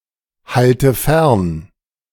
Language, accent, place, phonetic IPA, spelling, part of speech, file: German, Germany, Berlin, [ˌhaltə ˈfɛʁn], halte fern, verb, De-halte fern.ogg
- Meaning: inflection of fernhalten: 1. first-person singular present 2. first/third-person singular subjunctive I 3. singular imperative